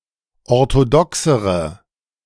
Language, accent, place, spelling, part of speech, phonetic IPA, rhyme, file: German, Germany, Berlin, orthodoxere, adjective, [ɔʁtoˈdɔksəʁə], -ɔksəʁə, De-orthodoxere.ogg
- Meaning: inflection of orthodox: 1. strong/mixed nominative/accusative feminine singular comparative degree 2. strong nominative/accusative plural comparative degree